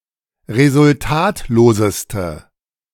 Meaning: inflection of resultatlos: 1. strong/mixed nominative/accusative feminine singular superlative degree 2. strong nominative/accusative plural superlative degree
- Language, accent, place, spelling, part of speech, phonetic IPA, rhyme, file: German, Germany, Berlin, resultatloseste, adjective, [ʁezʊlˈtaːtloːzəstə], -aːtloːzəstə, De-resultatloseste.ogg